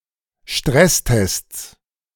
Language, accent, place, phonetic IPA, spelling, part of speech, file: German, Germany, Berlin, [ˈʃtʁɛsˌtɛst͡s], Stresstests, noun, De-Stresstests.ogg
- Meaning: 1. genitive singular of Stresstest 2. plural of Stresstest